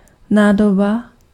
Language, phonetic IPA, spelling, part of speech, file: Czech, [ˈnaːdoba], nádoba, noun, Cs-nádoba.ogg
- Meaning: vessel (container)